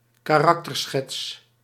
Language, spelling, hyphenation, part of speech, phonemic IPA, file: Dutch, karakterschets, ka‧rak‧ter‧schets, noun, /kaːˈrɑk.tərˌsxɛts/, Nl-karakterschets.ogg
- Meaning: a character sketch, a character profile